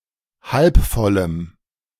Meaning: strong dative masculine/neuter singular of halb voll
- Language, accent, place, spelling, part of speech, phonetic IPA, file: German, Germany, Berlin, halb vollem, adjective, [ˌhalp ˈfɔləm], De-halb vollem.ogg